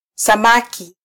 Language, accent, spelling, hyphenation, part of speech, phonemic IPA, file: Swahili, Kenya, samaki, sa‧ma‧ki, noun, /sɑˈmɑ.ki/, Sw-ke-samaki.flac
- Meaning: fish